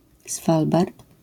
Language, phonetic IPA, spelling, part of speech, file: Polish, [ˈsfalbart], Svalbard, proper noun, LL-Q809 (pol)-Svalbard.wav